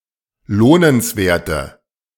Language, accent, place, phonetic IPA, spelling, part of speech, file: German, Germany, Berlin, [ˈloːnənsˌveːɐ̯tə], lohnenswerte, adjective, De-lohnenswerte.ogg
- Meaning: inflection of lohnenswert: 1. strong/mixed nominative/accusative feminine singular 2. strong nominative/accusative plural 3. weak nominative all-gender singular